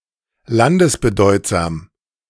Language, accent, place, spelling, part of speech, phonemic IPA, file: German, Germany, Berlin, landesbedeutsam, adjective, /ˈlandəsbəˌdɔɪ̯tzaːm/, De-landesbedeutsam.ogg
- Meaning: significant at a country level